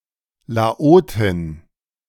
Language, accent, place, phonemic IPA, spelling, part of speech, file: German, Germany, Berlin, /laˈoːtɪn/, Laotin, noun, De-Laotin.ogg
- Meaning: female Lao (female person of Lao ethnicity)